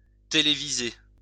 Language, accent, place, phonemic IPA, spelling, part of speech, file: French, France, Lyon, /te.le.vi.ze/, téléviser, verb, LL-Q150 (fra)-téléviser.wav
- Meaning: to televise